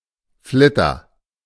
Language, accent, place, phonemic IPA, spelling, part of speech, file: German, Germany, Berlin, /ˈflɪtɐ/, Flitter, noun, De-Flitter.ogg
- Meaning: 1. spangle, sequin 2. a piece of cheap costume jewelry